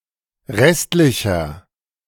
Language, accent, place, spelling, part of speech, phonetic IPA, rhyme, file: German, Germany, Berlin, restlicher, adjective, [ˈʁɛstlɪçɐ], -ɛstlɪçɐ, De-restlicher.ogg
- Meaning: inflection of restlich: 1. strong/mixed nominative masculine singular 2. strong genitive/dative feminine singular 3. strong genitive plural